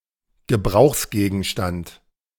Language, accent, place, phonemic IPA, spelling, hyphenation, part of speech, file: German, Germany, Berlin, /ɡəˈbʁaʊ̯xsɡeːɡn̩ˌʃtant/, Gebrauchsgegenstand, Ge‧brauchs‧ge‧gen‧stand, noun, De-Gebrauchsgegenstand.ogg
- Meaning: utility item, object of utility, utensil, implement